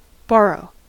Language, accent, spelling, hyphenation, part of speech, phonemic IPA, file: English, US, borrow, bor‧row, verb / noun, /ˈbɑɹ.oʊ/, En-us-borrow.ogg
- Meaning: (verb) 1. To receive (something) from somebody temporarily, expecting to return it 2. To receive money from a bank or other lender under the agreement that the lender will be paid back over time